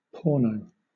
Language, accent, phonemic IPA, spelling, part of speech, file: English, Southern England, /ˈpɔːnəʊ/, porno, adjective / noun, LL-Q1860 (eng)-porno.wav
- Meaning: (adjective) Pornographic; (noun) 1. Pornography 2. A pornographic film 3. A pornographic magazine